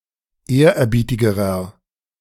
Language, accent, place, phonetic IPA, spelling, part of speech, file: German, Germany, Berlin, [ˈeːɐ̯ʔɛɐ̯ˌbiːtɪɡəʁɐ], ehrerbietigerer, adjective, De-ehrerbietigerer.ogg
- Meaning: inflection of ehrerbietig: 1. strong/mixed nominative masculine singular comparative degree 2. strong genitive/dative feminine singular comparative degree 3. strong genitive plural comparative degree